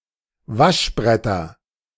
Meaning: nominative/accusative/genitive plural of Waschbrett
- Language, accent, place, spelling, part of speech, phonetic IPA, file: German, Germany, Berlin, Waschbretter, noun, [ˈvaʃˌbʁɛtɐ], De-Waschbretter.ogg